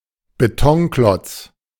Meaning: 1. concrete block 2. concrete building
- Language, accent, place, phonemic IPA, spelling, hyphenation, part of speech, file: German, Germany, Berlin, /beˈtɔŋˌklɔt͡s/, Betonklotz, Be‧ton‧klotz, noun, De-Betonklotz.ogg